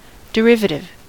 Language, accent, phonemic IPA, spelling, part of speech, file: English, US, /dɪˈɹɪvətɪv/, derivative, adjective / noun, En-us-derivative.ogg
- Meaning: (adjective) 1. Obtained by derivation; not radical, original, or fundamental 2. Imitative of the work of someone else